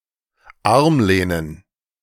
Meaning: plural of Armlehne
- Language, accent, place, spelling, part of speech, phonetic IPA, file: German, Germany, Berlin, Armlehnen, noun, [ˈaʁmˌleːnən], De-Armlehnen.ogg